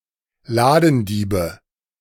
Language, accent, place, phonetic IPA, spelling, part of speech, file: German, Germany, Berlin, [ˈlaːdn̩ˌdiːbə], Ladendiebe, noun, De-Ladendiebe.ogg
- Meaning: nominative/accusative/genitive plural of Ladendieb